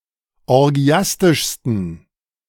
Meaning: 1. superlative degree of orgiastisch 2. inflection of orgiastisch: strong genitive masculine/neuter singular superlative degree
- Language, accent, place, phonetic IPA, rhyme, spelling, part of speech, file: German, Germany, Berlin, [ɔʁˈɡi̯astɪʃstn̩], -astɪʃstn̩, orgiastischsten, adjective, De-orgiastischsten.ogg